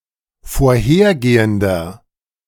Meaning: inflection of vorhergehend: 1. strong/mixed nominative masculine singular 2. strong genitive/dative feminine singular 3. strong genitive plural
- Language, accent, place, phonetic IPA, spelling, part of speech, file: German, Germany, Berlin, [foːɐ̯ˈheːɐ̯ˌɡeːəndɐ], vorhergehender, adjective, De-vorhergehender.ogg